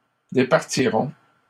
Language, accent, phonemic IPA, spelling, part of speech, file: French, Canada, /de.paʁ.ti.ʁɔ̃/, départiront, verb, LL-Q150 (fra)-départiront.wav
- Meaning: third-person plural simple future of départir